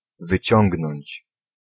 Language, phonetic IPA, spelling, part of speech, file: Polish, [vɨˈt͡ɕɔ̃ŋɡnɔ̃ɲt͡ɕ], wyciągnąć, verb, Pl-wyciągnąć.ogg